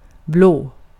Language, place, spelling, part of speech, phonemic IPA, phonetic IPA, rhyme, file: Swedish, Gotland, blå, adjective, /bloː/, [bl̪oə̯], -oː, Sv-blå.ogg
- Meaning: 1. blue 2. of or pertaining to conservatives or liberals in European politics